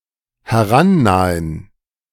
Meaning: to approach
- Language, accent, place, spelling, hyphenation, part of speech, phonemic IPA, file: German, Germany, Berlin, herannahen, he‧r‧an‧na‧hen, verb, /hɛˈʁanˌnaːən/, De-herannahen.ogg